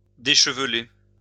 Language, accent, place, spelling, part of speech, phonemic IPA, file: French, France, Lyon, décheveler, verb, /de.ʃə.v(ə).le/, LL-Q150 (fra)-décheveler.wav
- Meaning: 1. to dishevel 2. to dishevel one another's hair